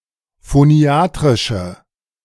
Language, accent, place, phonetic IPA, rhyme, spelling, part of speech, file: German, Germany, Berlin, [foˈni̯aːtʁɪʃə], -aːtʁɪʃə, phoniatrische, adjective, De-phoniatrische.ogg
- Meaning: inflection of phoniatrisch: 1. strong/mixed nominative/accusative feminine singular 2. strong nominative/accusative plural 3. weak nominative all-gender singular